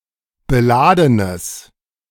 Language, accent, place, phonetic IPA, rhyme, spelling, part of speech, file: German, Germany, Berlin, [bəˈlaːdənəs], -aːdənəs, beladenes, adjective, De-beladenes.ogg
- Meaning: strong/mixed nominative/accusative neuter singular of beladen